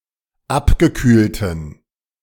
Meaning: inflection of abgekühlt: 1. strong genitive masculine/neuter singular 2. weak/mixed genitive/dative all-gender singular 3. strong/weak/mixed accusative masculine singular 4. strong dative plural
- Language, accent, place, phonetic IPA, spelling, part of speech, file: German, Germany, Berlin, [ˈapɡəˌkyːltn̩], abgekühlten, adjective, De-abgekühlten.ogg